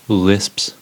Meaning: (noun) plural of lisp; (verb) third-person singular simple present indicative of lisp
- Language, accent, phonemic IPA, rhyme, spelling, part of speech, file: English, US, /lɪsps/, -ɪsps, lisps, noun / verb, En-us-lisps.ogg